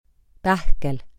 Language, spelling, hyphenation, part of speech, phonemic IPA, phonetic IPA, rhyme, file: Estonian, pähkel, päh‧kel, noun, /ˈpæhkel/, [ˈpæhkel], -æhkel, Et-pähkel.ogg
- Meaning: 1. nut 2. nut: hard nut to crack, tough nut to crack